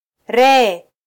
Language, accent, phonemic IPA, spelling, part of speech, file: Swahili, Kenya, /ˈɾɛː/, ree, noun, Sw-ke-ree.flac
- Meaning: ace